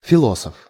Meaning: philosopher
- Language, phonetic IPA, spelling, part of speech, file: Russian, [fʲɪˈɫosəf], философ, noun, Ru-философ.ogg